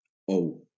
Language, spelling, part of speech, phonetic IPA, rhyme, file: Catalan, ou, noun, [ˈɔw], -ɔw, LL-Q7026 (cat)-ou.wav
- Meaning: 1. egg 2. ball, testicle